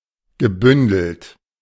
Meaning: past participle of bündeln
- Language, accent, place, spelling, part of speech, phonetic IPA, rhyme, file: German, Germany, Berlin, gebündelt, verb, [ɡəˈbʏndl̩t], -ʏndl̩t, De-gebündelt.ogg